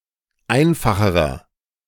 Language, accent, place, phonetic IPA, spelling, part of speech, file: German, Germany, Berlin, [ˈaɪ̯nfaxəʁɐ], einfacherer, adjective, De-einfacherer.ogg
- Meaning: inflection of einfach: 1. strong/mixed nominative masculine singular comparative degree 2. strong genitive/dative feminine singular comparative degree 3. strong genitive plural comparative degree